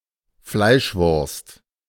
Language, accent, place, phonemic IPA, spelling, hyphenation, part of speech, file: German, Germany, Berlin, /ˈflaɪ̯ʃˌvʊrst/, Fleischwurst, Fleisch‧wurst, noun, De-Fleischwurst.ogg
- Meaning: a kind of boiled sausage similar to (and possibly including) mortadella and bologna